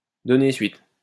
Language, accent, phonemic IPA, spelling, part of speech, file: French, France, /dɔ.ne sɥit/, donner suite, verb, LL-Q150 (fra)-donner suite.wav
- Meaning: to follow up (on), to pursue, to act on